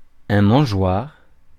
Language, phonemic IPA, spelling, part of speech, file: French, /mɑ̃.ʒwaʁ/, mangeoire, noun, Fr-mangeoire.ogg
- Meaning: 1. manger 2. feeder (e.g. for birds)